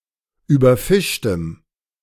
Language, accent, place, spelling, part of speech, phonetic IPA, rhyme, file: German, Germany, Berlin, überfischtem, adjective, [ˌyːbɐˈfɪʃtəm], -ɪʃtəm, De-überfischtem.ogg
- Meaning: strong dative masculine/neuter singular of überfischt